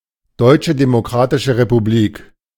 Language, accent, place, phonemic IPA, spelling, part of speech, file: German, Germany, Berlin, /ˌdɔʏ̯t͡ʃə demoˌkʁaːtɪʃə ʁepuˈbliːk/, Deutsche Demokratische Republik, proper noun, De-Deutsche Demokratische Republik.ogg
- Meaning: German Democratic Republic (official name of East Germany (from 1947 through reunification in 1990): a former country in Central Europe)